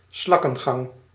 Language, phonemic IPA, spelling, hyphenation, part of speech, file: Dutch, /ˈslɑkə(n)ˌɣɑŋ/, slakkengang, slak‧ken‧gang, noun, Nl-slakkengang.ogg
- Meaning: a snail's pace, a very slow pace